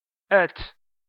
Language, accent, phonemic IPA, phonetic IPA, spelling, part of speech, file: Armenian, Eastern Armenian, /ətʰ/, [ətʰ], ըթ, noun, Hy-ըթ.ogg
- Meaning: the name of the Armenian letter ը (ə)